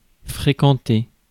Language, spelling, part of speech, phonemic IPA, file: French, fréquenter, verb, /fʁe.kɑ̃.te/, Fr-fréquenter.ogg
- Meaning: 1. to frequent, to go to (a place) 2. to socialise with (people) 3. to flirt